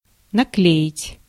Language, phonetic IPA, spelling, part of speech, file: Russian, [nɐˈklʲeɪtʲ], наклеить, verb, Ru-наклеить.ogg
- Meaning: to stick on, to paste on